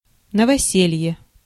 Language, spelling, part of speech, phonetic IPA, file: Russian, новоселье, noun, [nəvɐˈsʲelʲje], Ru-новоселье.ogg
- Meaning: 1. new home 2. housewarming